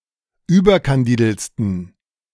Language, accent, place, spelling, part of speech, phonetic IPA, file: German, Germany, Berlin, überkandideltsten, adjective, [ˈyːbɐkanˌdiːdl̩t͡stn̩], De-überkandideltsten.ogg
- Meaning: 1. superlative degree of überkandidelt 2. inflection of überkandidelt: strong genitive masculine/neuter singular superlative degree